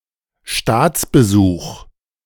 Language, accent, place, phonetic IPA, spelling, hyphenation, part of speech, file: German, Germany, Berlin, [ˈʃtaːt͡sbəˌzuːχ], Staatsbesuch, Staats‧be‧such, noun, De-Staatsbesuch.ogg
- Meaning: state visit